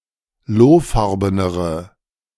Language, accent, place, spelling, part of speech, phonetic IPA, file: German, Germany, Berlin, lohfarbenere, adjective, [ˈloːˌfaʁbənəʁə], De-lohfarbenere.ogg
- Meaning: inflection of lohfarben: 1. strong/mixed nominative/accusative feminine singular comparative degree 2. strong nominative/accusative plural comparative degree